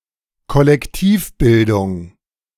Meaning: 1. formation of a collective 2. collective formation
- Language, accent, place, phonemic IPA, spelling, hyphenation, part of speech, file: German, Germany, Berlin, /kɔlɛkˈtiːfˌbɪldʊŋ/, Kollektivbildung, Kol‧lek‧tiv‧bil‧dung, noun, De-Kollektivbildung.ogg